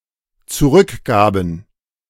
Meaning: first/third-person plural dependent preterite of zurückgeben
- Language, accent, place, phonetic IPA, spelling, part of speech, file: German, Germany, Berlin, [t͡suˈʁʏkˌɡaːbn̩], zurückgaben, verb, De-zurückgaben.ogg